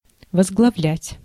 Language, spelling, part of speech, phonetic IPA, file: Russian, возглавлять, verb, [vəzɡɫɐˈvlʲætʲ], Ru-возглавлять.ogg
- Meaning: to lead, to head, to be at head